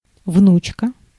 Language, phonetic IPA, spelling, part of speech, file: Russian, [ˈvnut͡ɕkə], внучка, noun, Ru-внучка.ogg
- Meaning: female equivalent of внук (vnuk): granddaughter